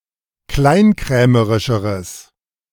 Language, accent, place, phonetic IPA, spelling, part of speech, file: German, Germany, Berlin, [ˈklaɪ̯nˌkʁɛːməʁɪʃəʁəs], kleinkrämerischeres, adjective, De-kleinkrämerischeres.ogg
- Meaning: strong/mixed nominative/accusative neuter singular comparative degree of kleinkrämerisch